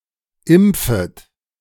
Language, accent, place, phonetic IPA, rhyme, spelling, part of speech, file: German, Germany, Berlin, [ˈɪmp͡fət], -ɪmp͡fət, impfet, verb, De-impfet.ogg
- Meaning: second-person plural subjunctive I of impfen